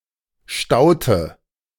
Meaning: inflection of stauen: 1. first/third-person singular preterite 2. first/third-person singular subjunctive II
- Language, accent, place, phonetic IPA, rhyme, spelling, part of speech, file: German, Germany, Berlin, [ˈʃtaʊ̯tə], -aʊ̯tə, staute, verb, De-staute.ogg